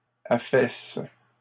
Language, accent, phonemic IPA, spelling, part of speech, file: French, Canada, /a.fɛs/, affaisses, verb, LL-Q150 (fra)-affaisses.wav
- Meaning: second-person singular present indicative/subjunctive of affaisser